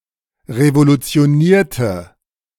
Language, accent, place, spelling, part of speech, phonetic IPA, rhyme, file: German, Germany, Berlin, revolutionierte, adjective / verb, [ʁevolut͡si̯oˈniːɐ̯tə], -iːɐ̯tə, De-revolutionierte.ogg
- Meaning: inflection of revolutionieren: 1. first/third-person singular preterite 2. first/third-person singular subjunctive II